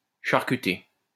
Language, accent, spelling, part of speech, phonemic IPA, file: French, France, charcuter, verb, /ʃaʁ.ky.te/, LL-Q150 (fra)-charcuter.wav
- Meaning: to chop or cut badly